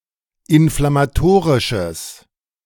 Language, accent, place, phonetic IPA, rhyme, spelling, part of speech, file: German, Germany, Berlin, [ɪnflamaˈtoːʁɪʃəs], -oːʁɪʃəs, inflammatorisches, adjective, De-inflammatorisches.ogg
- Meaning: strong/mixed nominative/accusative neuter singular of inflammatorisch